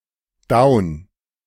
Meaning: 1. down, depressed 2. down, not online 3. down, defeated, without health left
- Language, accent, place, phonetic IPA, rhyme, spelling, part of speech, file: German, Germany, Berlin, [daʊ̯n], -aʊ̯n, down, adjective, De-down.ogg